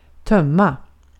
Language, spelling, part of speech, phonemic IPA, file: Swedish, tömma, verb, /²tœma/, Sv-tömma.ogg
- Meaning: to empty